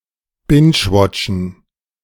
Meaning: to binge-watch
- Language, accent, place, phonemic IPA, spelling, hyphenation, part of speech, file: German, Germany, Berlin, /ˈbɪnd͡ʒˌwɔt͡ʃn̩/, bingewatchen, binge‧wat‧chen, verb, De-bingewatchen.ogg